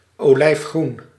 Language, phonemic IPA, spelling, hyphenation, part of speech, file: Dutch, /oːˌlɛi̯fˈɣrun/, olijfgroen, olijf‧groen, adjective / noun, Nl-olijfgroen.ogg
- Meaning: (adjective) olive (a brownish green colour); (noun) olive (colour)